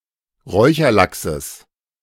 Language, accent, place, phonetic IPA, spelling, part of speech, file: German, Germany, Berlin, [ˈʁɔɪ̯çɐˌlaksəs], Räucherlachses, noun, De-Räucherlachses.ogg
- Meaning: genitive of Räucherlachs